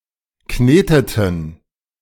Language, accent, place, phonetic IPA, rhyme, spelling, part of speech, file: German, Germany, Berlin, [ˈkneːtətn̩], -eːtətn̩, kneteten, verb, De-kneteten.ogg
- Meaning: inflection of kneten: 1. first/third-person plural preterite 2. first/third-person plural subjunctive II